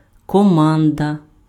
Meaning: 1. command, order 2. team, crew, party 3. detachment 4. crew, ship's company 5. team
- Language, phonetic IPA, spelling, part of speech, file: Ukrainian, [kɔˈmandɐ], команда, noun, Uk-команда.ogg